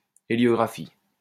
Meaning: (noun) heliography; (verb) inflection of héliographier: 1. first/third-person singular present indicative/subjunctive 2. second-person singular imperative
- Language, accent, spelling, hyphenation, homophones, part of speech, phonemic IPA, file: French, France, héliographie, hé‧lio‧gra‧phie, héliographient / héliographies, noun / verb, /e.ljɔ.ɡʁa.fi/, LL-Q150 (fra)-héliographie.wav